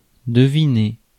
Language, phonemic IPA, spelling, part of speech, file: French, /də.vi.ne/, deviner, verb, Fr-deviner.ogg
- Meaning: 1. to guess; to work out, figure out 2. to sense, perceive